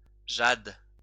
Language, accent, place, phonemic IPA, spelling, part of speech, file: French, France, Lyon, /ʒad/, jade, noun, LL-Q150 (fra)-jade.wav
- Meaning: jade